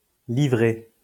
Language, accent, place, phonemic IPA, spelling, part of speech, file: French, France, Lyon, /li.vʁe/, livrée, verb / noun, LL-Q150 (fra)-livrée.wav
- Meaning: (verb) feminine singular of livré; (noun) livery